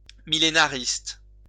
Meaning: millenarian
- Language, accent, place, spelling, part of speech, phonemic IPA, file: French, France, Lyon, millénariste, adjective, /mi.je.na.ʁist/, LL-Q150 (fra)-millénariste.wav